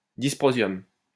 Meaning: dysprosium
- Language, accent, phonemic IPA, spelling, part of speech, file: French, France, /dis.pʁɔ.zjɔm/, dysprosium, noun, LL-Q150 (fra)-dysprosium.wav